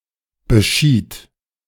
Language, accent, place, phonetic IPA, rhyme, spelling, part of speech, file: German, Germany, Berlin, [bəˈʃiːt], -iːt, beschied, verb, De-beschied.ogg
- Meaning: first/third-person singular preterite of bescheiden